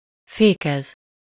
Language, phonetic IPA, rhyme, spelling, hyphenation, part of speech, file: Hungarian, [ˈfeːkɛz], -ɛz, fékez, fé‧kez, verb, Hu-fékez.ogg
- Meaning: 1. to brake, put the brakes on 2. to control, bridle, restrain, moderate